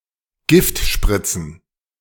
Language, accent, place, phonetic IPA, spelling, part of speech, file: German, Germany, Berlin, [ˈɡɪftˌʃpʁɪt͡sn̩], Giftspritzen, noun, De-Giftspritzen.ogg
- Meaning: plural of Giftspritze